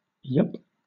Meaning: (noun) A yes; an affirmative answer; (interjection) Yes; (noun) Clipping of yuppie
- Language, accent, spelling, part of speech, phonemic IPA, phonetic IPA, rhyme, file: English, Southern England, yup, noun / interjection, /jʌp/, [jʌp̚], -ʌp, LL-Q1860 (eng)-yup.wav